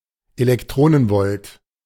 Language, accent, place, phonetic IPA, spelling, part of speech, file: German, Germany, Berlin, [elɛkˈtʁoːnənˌvɔlt], Elektronenvolt, noun, De-Elektronenvolt.ogg
- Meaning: electron volt (eV)